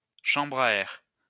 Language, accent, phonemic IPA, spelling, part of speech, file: French, France, /ʃɑ̃.bʁ‿a ɛʁ/, chambre à air, noun, LL-Q150 (fra)-chambre à air.wav
- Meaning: inner tube